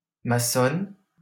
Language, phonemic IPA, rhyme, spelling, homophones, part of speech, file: French, /ma.sɔn/, -ɔn, maçonne, maçonnent / maçonnes, noun / verb, LL-Q150 (fra)-maçonne.wav
- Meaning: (noun) female equivalent of maçon; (verb) inflection of maçonner: 1. first/third-person singular present indicative/subjunctive 2. second-person singular imperative